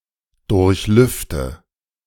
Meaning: inflection of durchlüften: 1. first-person singular present 2. first/third-person singular subjunctive I 3. singular imperative
- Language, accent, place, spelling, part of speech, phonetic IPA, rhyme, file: German, Germany, Berlin, durchlüfte, verb, [ˌdʊʁçˈlʏftə], -ʏftə, De-durchlüfte.ogg